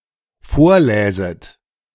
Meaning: second-person plural dependent subjunctive II of vorlesen
- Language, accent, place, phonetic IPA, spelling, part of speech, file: German, Germany, Berlin, [ˈfoːɐ̯ˌlɛːzət], vorläset, verb, De-vorläset.ogg